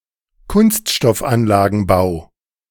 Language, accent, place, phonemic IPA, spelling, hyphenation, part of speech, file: German, Germany, Berlin, /ˈkʊnstʃtɔfˌanlaːɡn̩baʊ̯/, Kunststoffanlagenbau, Kunst‧stoff‧an‧la‧gen‧bau, noun, De-Kunststoffanlagenbau.ogg
- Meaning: construction of plastic manufacturing facilities